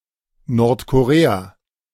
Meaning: North Korea (a country in East Asia, whose territory consists of the northern part of Korea; official name: Demokratische Volksrepublik Korea)
- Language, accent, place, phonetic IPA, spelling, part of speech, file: German, Germany, Berlin, [ˈnɔʁtkoˈʁeːa], Nordkorea, proper noun, De-Nordkorea.ogg